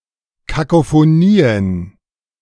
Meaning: plural of Kakophonie
- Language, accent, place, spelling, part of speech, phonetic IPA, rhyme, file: German, Germany, Berlin, Kakophonien, noun, [kakofoˈniːən], -iːən, De-Kakophonien.ogg